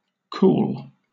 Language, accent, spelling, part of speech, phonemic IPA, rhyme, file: English, Southern England, cool, adjective / noun / verb, /kuːl/, -uːl, LL-Q1860 (eng)-cool.wav
- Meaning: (adjective) 1. Of a mildly low temperature 2. Allowing or suggesting heat relief 3. Of a color, in the range of violet to green 4. Not showing emotion; calm and in control of oneself